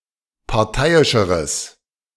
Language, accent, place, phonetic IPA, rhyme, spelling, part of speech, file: German, Germany, Berlin, [paʁˈtaɪ̯ɪʃəʁəs], -aɪ̯ɪʃəʁəs, parteiischeres, adjective, De-parteiischeres.ogg
- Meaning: strong/mixed nominative/accusative neuter singular comparative degree of parteiisch